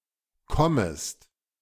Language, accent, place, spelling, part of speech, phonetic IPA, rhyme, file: German, Germany, Berlin, kommest, verb, [ˈkɔməst], -ɔməst, De-kommest.ogg
- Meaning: second-person singular subjunctive I of kommen